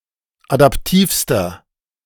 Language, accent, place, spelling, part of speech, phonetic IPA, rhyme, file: German, Germany, Berlin, adaptivster, adjective, [adapˈtiːfstɐ], -iːfstɐ, De-adaptivster.ogg
- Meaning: inflection of adaptiv: 1. strong/mixed nominative masculine singular superlative degree 2. strong genitive/dative feminine singular superlative degree 3. strong genitive plural superlative degree